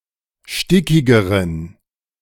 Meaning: inflection of stickig: 1. strong genitive masculine/neuter singular comparative degree 2. weak/mixed genitive/dative all-gender singular comparative degree
- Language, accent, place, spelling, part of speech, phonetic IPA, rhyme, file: German, Germany, Berlin, stickigeren, adjective, [ˈʃtɪkɪɡəʁən], -ɪkɪɡəʁən, De-stickigeren.ogg